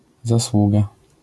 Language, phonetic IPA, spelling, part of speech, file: Polish, [zaˈswuɡa], zasługa, noun, LL-Q809 (pol)-zasługa.wav